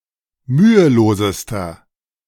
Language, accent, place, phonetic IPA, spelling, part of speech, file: German, Germany, Berlin, [ˈmyːəˌloːzəstɐ], mühelosester, adjective, De-mühelosester.ogg
- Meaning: inflection of mühelos: 1. strong/mixed nominative masculine singular superlative degree 2. strong genitive/dative feminine singular superlative degree 3. strong genitive plural superlative degree